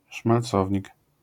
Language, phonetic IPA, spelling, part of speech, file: Polish, [ʃmalˈt͡sɔvʲɲik], szmalcownik, noun, LL-Q809 (pol)-szmalcownik.wav